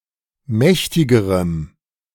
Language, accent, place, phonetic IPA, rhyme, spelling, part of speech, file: German, Germany, Berlin, [ˈmɛçtɪɡəʁəm], -ɛçtɪɡəʁəm, mächtigerem, adjective, De-mächtigerem.ogg
- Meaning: strong dative masculine/neuter singular comparative degree of mächtig